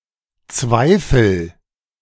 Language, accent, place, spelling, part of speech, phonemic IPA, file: German, Germany, Berlin, Zweifel, noun, /ˈtsvaɪ̯fəl/, De-Zweifel.ogg
- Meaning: doubt